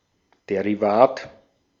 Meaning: 1. derivative (financial instrument whose value depends on the valuation of an underlying instrument) 2. derivative
- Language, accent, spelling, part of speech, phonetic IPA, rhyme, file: German, Austria, Derivat, noun, [ˌdeʁiˈvaːt], -aːt, De-at-Derivat.ogg